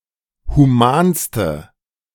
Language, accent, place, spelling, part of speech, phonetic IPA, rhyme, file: German, Germany, Berlin, humanste, adjective, [huˈmaːnstə], -aːnstə, De-humanste.ogg
- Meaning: inflection of human: 1. strong/mixed nominative/accusative feminine singular superlative degree 2. strong nominative/accusative plural superlative degree